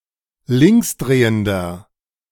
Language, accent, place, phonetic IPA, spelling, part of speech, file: German, Germany, Berlin, [ˈlɪŋksˌdʁeːəndɐ], linksdrehender, adjective, De-linksdrehender.ogg
- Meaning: inflection of linksdrehend: 1. strong/mixed nominative masculine singular 2. strong genitive/dative feminine singular 3. strong genitive plural